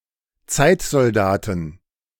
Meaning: plural of Zeitsoldat
- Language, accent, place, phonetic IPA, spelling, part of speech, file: German, Germany, Berlin, [ˈt͡saɪ̯tzɔlˌdaːtn̩], Zeitsoldaten, noun, De-Zeitsoldaten.ogg